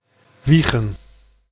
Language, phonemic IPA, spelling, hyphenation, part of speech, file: Dutch, /ˈʋi.xə(n)/, Wijchen, Wij‧chen, proper noun, Nl-Wijchen.ogg
- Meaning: Wijchen (a village and municipality of Gelderland, Netherlands)